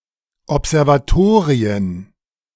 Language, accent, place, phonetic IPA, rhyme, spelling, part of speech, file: German, Germany, Berlin, [ɔpzɛʁvaˈtoːʁiən], -oːʁiən, Observatorien, noun, De-Observatorien.ogg
- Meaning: plural of Observatorium